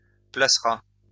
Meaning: third-person singular simple future of placer
- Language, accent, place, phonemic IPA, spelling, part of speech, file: French, France, Lyon, /pla.sʁa/, placera, verb, LL-Q150 (fra)-placera.wav